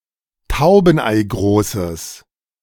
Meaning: strong/mixed nominative/accusative neuter singular of taubeneigroß
- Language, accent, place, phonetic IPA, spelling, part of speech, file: German, Germany, Berlin, [ˈtaʊ̯bn̩ʔaɪ̯ˌɡʁoːsəs], taubeneigroßes, adjective, De-taubeneigroßes.ogg